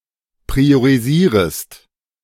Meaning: second-person singular subjunctive I of priorisieren
- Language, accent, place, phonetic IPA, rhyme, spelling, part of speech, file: German, Germany, Berlin, [pʁioʁiˈziːʁəst], -iːʁəst, priorisierest, verb, De-priorisierest.ogg